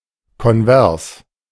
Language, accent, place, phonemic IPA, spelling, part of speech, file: German, Germany, Berlin, /kɔnˈvɛʁs/, konvers, adjective, De-konvers.ogg
- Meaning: converse